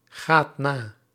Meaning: inflection of nagaan: 1. second/third-person singular present indicative 2. plural imperative
- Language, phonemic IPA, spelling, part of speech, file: Dutch, /ˈɣat ˈna/, gaat na, verb, Nl-gaat na.ogg